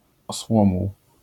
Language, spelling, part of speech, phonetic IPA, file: Polish, osłomuł, noun, [ɔsˈwɔ̃muw], LL-Q809 (pol)-osłomuł.wav